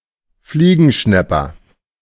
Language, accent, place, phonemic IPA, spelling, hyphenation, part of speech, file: German, Germany, Berlin, /ˈfliːɡn̩ˌʃnɛpɐ/, Fliegenschnäpper, Flie‧gen‧schnäp‧per, noun, De-Fliegenschnäpper.ogg
- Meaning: flycatcher (any of many kinds of birds of the family Muscicapidae)